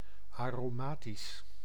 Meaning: aromatic, fragrant or spicy
- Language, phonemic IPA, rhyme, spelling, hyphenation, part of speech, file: Dutch, /ˌaː.roːˈmaː.tis/, -aːtis, aromatisch, aro‧ma‧tisch, adjective, Nl-aromatisch.ogg